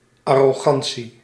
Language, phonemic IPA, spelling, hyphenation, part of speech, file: Dutch, /ɑ.roːˈɣɑn.(t)si/, arrogantie, ar‧ro‧gan‧tie, noun, Nl-arrogantie.ogg
- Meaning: arrogance